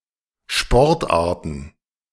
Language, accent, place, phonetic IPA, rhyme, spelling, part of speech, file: German, Germany, Berlin, [ˈʃpɔʁtˌʔaːɐ̯tn̩], -ɔʁtʔaːɐ̯tn̩, Sportarten, noun, De-Sportarten.ogg
- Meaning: plural of Sportart